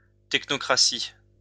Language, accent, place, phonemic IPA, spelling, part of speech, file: French, France, Lyon, /tɛk.nɔ.kʁa.si/, technocratie, noun, LL-Q150 (fra)-technocratie.wav
- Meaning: technocracy